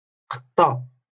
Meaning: female equivalent of قط (qaṭṭ)
- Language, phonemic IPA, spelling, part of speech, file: Moroccan Arabic, /qatˤ.tˤa/, قطة, noun, LL-Q56426 (ary)-قطة.wav